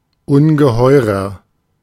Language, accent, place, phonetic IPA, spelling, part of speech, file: German, Germany, Berlin, [ˈʊnɡəˌhɔɪ̯ʁɐ], ungeheurer, adjective, De-ungeheurer.ogg
- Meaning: 1. comparative degree of ungeheuer 2. inflection of ungeheuer: strong/mixed nominative masculine singular 3. inflection of ungeheuer: strong genitive/dative feminine singular